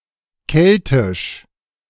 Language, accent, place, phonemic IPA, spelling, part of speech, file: German, Germany, Berlin, /ˈkɛltɪʃ/, Keltisch, proper noun, De-Keltisch.ogg
- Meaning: the Celtic branch of languages